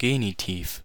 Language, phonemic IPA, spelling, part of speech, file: German, /ˈɡeːnɪtiːf/, Genitiv, noun, De-Genitiv.ogg
- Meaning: 1. genitive case 2. a word in the genitive case